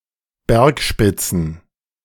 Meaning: plural of Bergspitze
- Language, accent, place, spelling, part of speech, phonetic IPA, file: German, Germany, Berlin, Bergspitzen, noun, [ˈbɛʁkˌʃpɪt͡sn̩], De-Bergspitzen.ogg